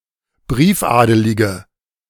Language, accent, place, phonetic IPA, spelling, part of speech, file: German, Germany, Berlin, [ˈbʁiːfˌʔaːdəlɪɡə], briefadelige, adjective, De-briefadelige.ogg
- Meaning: inflection of briefadelig: 1. strong/mixed nominative/accusative feminine singular 2. strong nominative/accusative plural 3. weak nominative all-gender singular